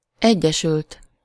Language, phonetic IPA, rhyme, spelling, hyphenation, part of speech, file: Hungarian, [ˈɛɟːɛʃylt], -ylt, egyesült, egye‧sült, verb / adjective, Hu-egyesült.ogg
- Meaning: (verb) 1. third-person singular indicative past indefinite of egyesül 2. past participle of egyesül; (adjective) united